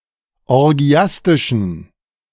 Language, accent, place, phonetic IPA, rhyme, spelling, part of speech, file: German, Germany, Berlin, [ɔʁˈɡi̯astɪʃn̩], -astɪʃn̩, orgiastischen, adjective, De-orgiastischen.ogg
- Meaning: inflection of orgiastisch: 1. strong genitive masculine/neuter singular 2. weak/mixed genitive/dative all-gender singular 3. strong/weak/mixed accusative masculine singular 4. strong dative plural